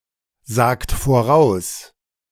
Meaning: inflection of voraussagen: 1. second-person plural present 2. third-person singular present 3. plural imperative
- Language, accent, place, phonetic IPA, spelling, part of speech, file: German, Germany, Berlin, [ˌzaːkt foˈʁaʊ̯s], sagt voraus, verb, De-sagt voraus.ogg